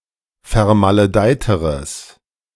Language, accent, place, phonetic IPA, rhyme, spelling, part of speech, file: German, Germany, Berlin, [fɛɐ̯maləˈdaɪ̯təʁəs], -aɪ̯təʁəs, vermaledeiteres, adjective, De-vermaledeiteres.ogg
- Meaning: strong/mixed nominative/accusative neuter singular comparative degree of vermaledeit